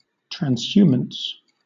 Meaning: The seasonal movement of grazing livestock (especially cattle, sheep, or goats) to new pastures which may be quite distant; alpine and nonalpine versions of such movement exist
- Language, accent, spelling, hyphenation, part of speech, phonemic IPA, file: English, Southern England, transhumance, trans‧hu‧mance, noun, /tɹænzˈhjuːməns/, LL-Q1860 (eng)-transhumance.wav